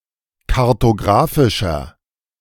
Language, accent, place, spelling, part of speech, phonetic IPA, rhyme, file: German, Germany, Berlin, kartografischer, adjective, [kaʁtoˈɡʁaːfɪʃɐ], -aːfɪʃɐ, De-kartografischer.ogg
- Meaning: inflection of kartografisch: 1. strong/mixed nominative masculine singular 2. strong genitive/dative feminine singular 3. strong genitive plural